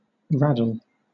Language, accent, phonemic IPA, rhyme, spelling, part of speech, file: English, Southern England, /ˈɹædəl/, -ædəl, raddle, noun / verb, LL-Q1860 (eng)-raddle.wav
- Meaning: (noun) A red ochre; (verb) 1. To mark with raddle; to daub something red 2. To interweave or twist together 3. To do work in a slovenly way